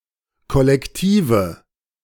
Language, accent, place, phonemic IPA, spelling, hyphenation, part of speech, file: German, Germany, Berlin, /kɔlɛkˈtiːvə/, kollektive, kol‧lek‧ti‧ve, adjective, De-kollektive.ogg
- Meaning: inflection of kollektiv: 1. strong/mixed nominative/accusative feminine singular 2. strong nominative/accusative plural 3. weak nominative all-gender singular